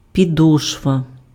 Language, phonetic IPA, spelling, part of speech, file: Ukrainian, [pʲiˈdɔʃʋɐ], підошва, noun, Uk-підошва.ogg
- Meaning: 1. sole (the bottom of a shoe or boot) 2. sole 3. foot (of mountain)